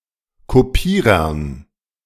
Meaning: dative plural of Kopierer
- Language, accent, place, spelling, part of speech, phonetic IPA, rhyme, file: German, Germany, Berlin, Kopierern, noun, [ˌkoˈpiːʁɐn], -iːʁɐn, De-Kopierern.ogg